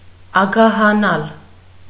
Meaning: to become greedy
- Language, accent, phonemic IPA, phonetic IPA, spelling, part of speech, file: Armenian, Eastern Armenian, /ɑɡɑhɑˈnɑl/, [ɑɡɑhɑnɑ́l], ագահանալ, verb, Hy-ագահանալ.ogg